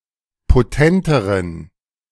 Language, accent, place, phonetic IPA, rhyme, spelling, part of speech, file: German, Germany, Berlin, [poˈtɛntəʁən], -ɛntəʁən, potenteren, adjective, De-potenteren.ogg
- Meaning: inflection of potent: 1. strong genitive masculine/neuter singular comparative degree 2. weak/mixed genitive/dative all-gender singular comparative degree